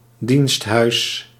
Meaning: 1. a place where one is subject to slavery, servitude or any other oppression 2. an outbuilding used for chores
- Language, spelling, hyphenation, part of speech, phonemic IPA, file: Dutch, diensthuis, dienst‧huis, noun, /ˈdinst.ɦœy̯s/, Nl-diensthuis.ogg